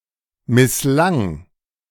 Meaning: first/third-person singular preterite of misslingen
- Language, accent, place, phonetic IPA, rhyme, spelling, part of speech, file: German, Germany, Berlin, [mɪsˈlaŋ], -aŋ, misslang, verb, De-misslang.ogg